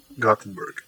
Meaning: A city on the west coast of Sweden, in the province of Västergötland. It is the second-largest city in Sweden
- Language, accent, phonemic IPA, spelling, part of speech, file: English, US, /ˈɡɑθn̩bɝɡ/, Gothenburg, proper noun, En-Gothenburg.ogg